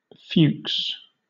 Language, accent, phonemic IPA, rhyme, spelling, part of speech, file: English, Southern England, /fjuːks/, -uːks, Fuchs, proper noun, LL-Q1860 (eng)-Fuchs.wav
- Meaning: A surname from German